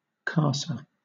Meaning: house
- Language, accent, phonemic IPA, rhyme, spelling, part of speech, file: English, Southern England, /ˈkɑːsə/, -ɑːsə, casa, noun, LL-Q1860 (eng)-casa.wav